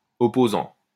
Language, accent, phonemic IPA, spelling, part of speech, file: French, France, /ɔ.po.zɑ̃/, opposant, noun / verb, LL-Q150 (fra)-opposant.wav
- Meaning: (noun) 1. opponent (someone to defeat) 2. challenger; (verb) present participle of opposer